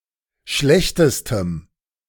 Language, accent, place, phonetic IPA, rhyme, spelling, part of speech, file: German, Germany, Berlin, [ˈʃlɛçtəstəm], -ɛçtəstəm, schlechtestem, adjective, De-schlechtestem.ogg
- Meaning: strong dative masculine/neuter singular superlative degree of schlecht